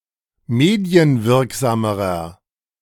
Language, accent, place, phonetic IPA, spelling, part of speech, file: German, Germany, Berlin, [ˈmeːdi̯ənˌvɪʁkzaːməʁɐ], medienwirksamerer, adjective, De-medienwirksamerer.ogg
- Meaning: inflection of medienwirksam: 1. strong/mixed nominative masculine singular comparative degree 2. strong genitive/dative feminine singular comparative degree